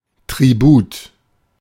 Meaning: 1. tribute (payment made by one nation to another in submission) 2. toll
- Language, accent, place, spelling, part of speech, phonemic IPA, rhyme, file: German, Germany, Berlin, Tribut, noun, /tʁiˈbuːt/, -uːt, De-Tribut.ogg